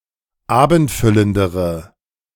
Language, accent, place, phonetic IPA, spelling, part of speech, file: German, Germany, Berlin, [ˈaːbn̩tˌfʏləndəʁə], abendfüllendere, adjective, De-abendfüllendere.ogg
- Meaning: inflection of abendfüllend: 1. strong/mixed nominative/accusative feminine singular comparative degree 2. strong nominative/accusative plural comparative degree